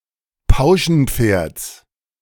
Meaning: genitive singular of Pauschenpferd
- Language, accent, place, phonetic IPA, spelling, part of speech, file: German, Germany, Berlin, [ˈpaʊ̯ʃn̩ˌp͡feːɐ̯t͡s], Pauschenpferds, noun, De-Pauschenpferds.ogg